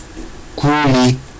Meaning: 1. heart 2. chest 3. core 4. heart as the seat of affections, understanding, or willpower
- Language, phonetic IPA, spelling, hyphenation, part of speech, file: Georgian, [ɡ̊uli], გული, გუ‧ლი, noun, Ka-guli.ogg